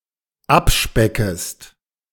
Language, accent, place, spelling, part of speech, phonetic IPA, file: German, Germany, Berlin, abspeckest, verb, [ˈapˌʃpɛkəst], De-abspeckest.ogg
- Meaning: second-person singular dependent subjunctive I of abspecken